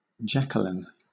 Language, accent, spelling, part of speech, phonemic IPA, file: English, Southern England, Jacqueline, proper noun, /ˈdʒækəlɪn/, LL-Q1860 (eng)-Jacqueline.wav
- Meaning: A female given name from French